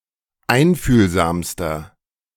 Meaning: inflection of einfühlsam: 1. strong/mixed nominative masculine singular superlative degree 2. strong genitive/dative feminine singular superlative degree 3. strong genitive plural superlative degree
- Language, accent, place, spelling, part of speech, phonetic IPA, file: German, Germany, Berlin, einfühlsamster, adjective, [ˈaɪ̯nfyːlzaːmstɐ], De-einfühlsamster.ogg